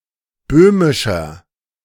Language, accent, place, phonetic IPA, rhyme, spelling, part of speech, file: German, Germany, Berlin, [ˈbøːmɪʃɐ], -øːmɪʃɐ, böhmischer, adjective, De-böhmischer.ogg
- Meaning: 1. comparative degree of böhmisch 2. inflection of böhmisch: strong/mixed nominative masculine singular 3. inflection of böhmisch: strong genitive/dative feminine singular